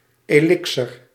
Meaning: elixir
- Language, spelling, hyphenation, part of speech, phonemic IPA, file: Dutch, elixer, elixer, noun, /ˌeːˈlɪk.sər/, Nl-elixer.ogg